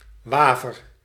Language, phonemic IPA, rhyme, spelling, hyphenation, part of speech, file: Dutch, /ˈʋaː.vər/, -aːvər, Waver, Wa‧ver, proper noun, Nl-Waver.ogg
- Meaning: 1. Wavre, a town in Belgium 2. a hamlet in Ouder-Amstel, North Holland, Netherlands